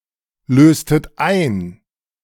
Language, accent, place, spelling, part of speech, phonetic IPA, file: German, Germany, Berlin, löstet ein, verb, [ˌløːstət ˈaɪ̯n], De-löstet ein.ogg
- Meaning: inflection of einlösen: 1. second-person plural preterite 2. second-person plural subjunctive II